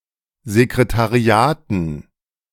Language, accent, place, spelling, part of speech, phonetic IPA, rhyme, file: German, Germany, Berlin, Sekretariaten, noun, [zekʁetaˈʁi̯aːtn̩], -aːtn̩, De-Sekretariaten.ogg
- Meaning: dative plural of Sekretariat